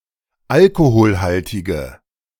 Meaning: inflection of alkoholhaltig: 1. strong/mixed nominative/accusative feminine singular 2. strong nominative/accusative plural 3. weak nominative all-gender singular
- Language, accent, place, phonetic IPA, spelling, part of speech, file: German, Germany, Berlin, [ˈalkohoːlhaltɪɡə], alkoholhaltige, adjective, De-alkoholhaltige.ogg